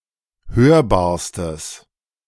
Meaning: strong/mixed nominative/accusative neuter singular superlative degree of hörbar
- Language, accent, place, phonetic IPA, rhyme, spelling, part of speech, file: German, Germany, Berlin, [ˈhøːɐ̯baːɐ̯stəs], -øːɐ̯baːɐ̯stəs, hörbarstes, adjective, De-hörbarstes.ogg